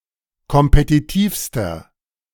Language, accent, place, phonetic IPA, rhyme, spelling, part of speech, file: German, Germany, Berlin, [kɔmpetiˈtiːfstɐ], -iːfstɐ, kompetitivster, adjective, De-kompetitivster.ogg
- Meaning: inflection of kompetitiv: 1. strong/mixed nominative masculine singular superlative degree 2. strong genitive/dative feminine singular superlative degree 3. strong genitive plural superlative degree